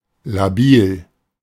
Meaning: 1. unstable 2. labile (apt or likely to change)
- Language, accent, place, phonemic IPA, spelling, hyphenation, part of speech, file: German, Germany, Berlin, /laˈbiːl/, labil, la‧bil, adjective, De-labil.ogg